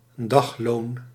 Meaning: daily pay, daily wages, as opposed to hourly or long-term remuneration
- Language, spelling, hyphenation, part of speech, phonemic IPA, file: Dutch, dagloon, dag‧loon, noun, /ˈdɑx.loːn/, Nl-dagloon.ogg